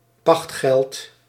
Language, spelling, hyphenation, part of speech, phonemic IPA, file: Dutch, pachtgeld, pacht‧geld, noun, /pɑxt.ɣɛlt/, Nl-pachtgeld.ogg
- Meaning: rent, lease money (especially a tenant farmer)